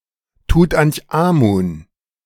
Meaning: alternative form of Tutenchamun
- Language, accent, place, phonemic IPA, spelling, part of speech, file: German, Germany, Berlin, /tut.anç.aˈmuːn/, Tutanchamun, proper noun, De-Tutanchamun.ogg